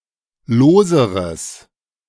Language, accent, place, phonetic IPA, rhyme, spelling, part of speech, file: German, Germany, Berlin, [ˈloːzəʁəs], -oːzəʁəs, loseres, adjective, De-loseres.ogg
- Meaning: strong/mixed nominative/accusative neuter singular comparative degree of lose